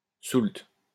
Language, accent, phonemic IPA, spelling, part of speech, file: French, France, /sult/, soulte, noun, LL-Q150 (fra)-soulte.wav
- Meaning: a payment made to balance an account